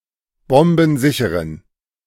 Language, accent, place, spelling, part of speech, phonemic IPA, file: German, Germany, Berlin, bombensicheren, adjective, /ˈbɔmbn̩ˌzɪçəʁən/, De-bombensicheren.ogg
- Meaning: inflection of bombensicher: 1. strong genitive masculine/neuter singular 2. weak/mixed genitive/dative all-gender singular 3. strong/weak/mixed accusative masculine singular 4. strong dative plural